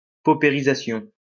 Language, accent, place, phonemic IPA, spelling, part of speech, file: French, France, Lyon, /po.pe.ʁi.za.sjɔ̃/, paupérisation, noun, LL-Q150 (fra)-paupérisation.wav
- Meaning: pauperization